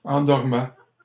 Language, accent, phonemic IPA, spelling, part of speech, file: French, Canada, /ɑ̃.dɔʁ.mɛ/, endormait, verb, LL-Q150 (fra)-endormait.wav
- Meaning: third-person singular imperfect indicative of endormir